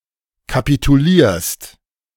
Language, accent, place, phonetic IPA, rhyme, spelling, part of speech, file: German, Germany, Berlin, [kapituˈliːɐ̯st], -iːɐ̯st, kapitulierst, verb, De-kapitulierst.ogg
- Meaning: second-person singular present of kapitulieren